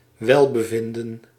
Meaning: well-being, in particular good health or a good condition
- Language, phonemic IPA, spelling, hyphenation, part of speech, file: Dutch, /ˈʋɛl.bəˌvɪn.də(n)/, welbevinden, wel‧be‧vin‧den, noun, Nl-welbevinden.ogg